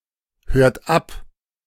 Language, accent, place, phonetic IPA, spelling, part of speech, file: German, Germany, Berlin, [ˌhøːɐ̯t ˈap], hört ab, verb, De-hört ab.ogg
- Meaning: inflection of abhören: 1. second-person plural present 2. third-person singular present 3. plural imperative